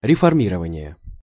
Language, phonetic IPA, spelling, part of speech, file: Russian, [rʲɪfɐrˈmʲirəvənʲɪje], реформирование, noun, Ru-реформирование.ogg
- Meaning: reforming